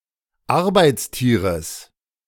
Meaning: genitive singular of Arbeitstier
- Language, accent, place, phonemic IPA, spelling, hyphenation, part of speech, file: German, Germany, Berlin, /ˈaʁbaɪ̯tsˌtiːʁəs/, Arbeitstieres, Ar‧beits‧tie‧res, noun, De-Arbeitstieres.ogg